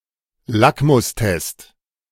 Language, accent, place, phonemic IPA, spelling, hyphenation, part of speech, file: German, Germany, Berlin, /ˈlakmʊsˌtɛst/, Lackmustest, Lack‧mus‧test, noun, De-Lackmustest.ogg
- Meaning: 1. litmus test (test for acidity or alkalinity of a substance) 2. litmus test (any binary test to decisively determine the functonality or applicability of a solution or system)